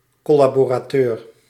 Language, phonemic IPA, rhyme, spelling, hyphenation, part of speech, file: Dutch, /ˌkɔ.laː.boː.raːˈtøːr/, -øːr, collaborateur, col‧la‧bo‧ra‧teur, noun, Nl-collaborateur.ogg
- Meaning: 1. one who collaborates or has collaborated with the Nazis, fascists or another enemy; traitorous collaborator 2. a collaborator, one who cooperates on a certain work